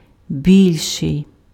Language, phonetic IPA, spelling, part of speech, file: Ukrainian, [ˈbʲilʲʃei̯], більший, adjective, Uk-більший.ogg
- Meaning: comparative degree of вели́кий (velýkyj): bigger, larger, greater